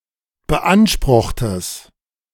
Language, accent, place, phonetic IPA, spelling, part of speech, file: German, Germany, Berlin, [bəˈʔanʃpʁʊxtəs], beanspruchtes, adjective, De-beanspruchtes.ogg
- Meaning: strong/mixed nominative/accusative neuter singular of beansprucht